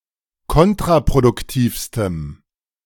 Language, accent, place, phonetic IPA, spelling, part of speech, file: German, Germany, Berlin, [ˈkɔntʁapʁodʊkˌtiːfstəm], kontraproduktivstem, adjective, De-kontraproduktivstem.ogg
- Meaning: strong dative masculine/neuter singular superlative degree of kontraproduktiv